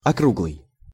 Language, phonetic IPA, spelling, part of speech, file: Russian, [ɐˈkruɡɫɨj], округлый, adjective, Ru-округлый.ogg
- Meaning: 1. rounded 2. smooth, measured 3. complete (sentences, etc.)